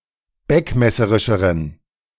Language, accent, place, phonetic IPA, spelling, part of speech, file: German, Germany, Berlin, [ˈbɛkmɛsəʁɪʃəʁən], beckmesserischeren, adjective, De-beckmesserischeren.ogg
- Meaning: inflection of beckmesserisch: 1. strong genitive masculine/neuter singular comparative degree 2. weak/mixed genitive/dative all-gender singular comparative degree